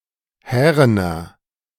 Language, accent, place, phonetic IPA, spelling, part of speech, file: German, Germany, Berlin, [ˈhɛːʁənɐ], härener, adjective, De-härener.ogg
- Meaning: inflection of hären: 1. strong/mixed nominative masculine singular 2. strong genitive/dative feminine singular 3. strong genitive plural